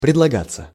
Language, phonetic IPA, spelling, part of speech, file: Russian, [prʲɪdɫɐˈɡat͡sːə], предлагаться, verb, Ru-предлагаться.ogg
- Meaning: passive of предлага́ть (predlagátʹ)